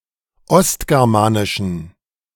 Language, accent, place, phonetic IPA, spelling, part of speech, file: German, Germany, Berlin, [ˈɔstɡɛʁmaːnɪʃn̩], ostgermanischen, adjective, De-ostgermanischen.ogg
- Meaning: inflection of ostgermanisch: 1. strong genitive masculine/neuter singular 2. weak/mixed genitive/dative all-gender singular 3. strong/weak/mixed accusative masculine singular 4. strong dative plural